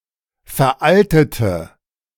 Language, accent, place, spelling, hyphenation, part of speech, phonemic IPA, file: German, Germany, Berlin, veraltete, ver‧al‧te‧te, verb, /fɛʁˈʔaltətə/, De-veraltete.ogg
- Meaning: inflection of veralten: 1. first/third-person singular preterite 2. first/third-person singular subjunctive II